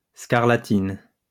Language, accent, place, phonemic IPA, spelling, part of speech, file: French, France, Lyon, /skaʁ.la.tin/, scarlatine, noun, LL-Q150 (fra)-scarlatine.wav
- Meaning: scarlet fever